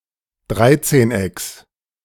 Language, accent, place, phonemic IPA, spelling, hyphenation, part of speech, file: German, Germany, Berlin, /ˈdʁaɪ̯tseːnˌ.ɛks/, Dreizehnecks, Drei‧zehn‧ecks, noun, De-Dreizehnecks.ogg
- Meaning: genitive singular of Dreizehneck